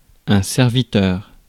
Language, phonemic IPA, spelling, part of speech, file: French, /sɛʁ.vi.tœʁ/, serviteur, noun / interjection, Fr-serviteur.ogg
- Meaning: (noun) servant; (interjection) ellipsis of votre serviteur (“your servant”) (used as a greeting)